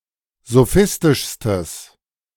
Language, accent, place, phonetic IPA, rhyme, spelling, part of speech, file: German, Germany, Berlin, [zoˈfɪstɪʃstəs], -ɪstɪʃstəs, sophistischstes, adjective, De-sophistischstes.ogg
- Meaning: strong/mixed nominative/accusative neuter singular superlative degree of sophistisch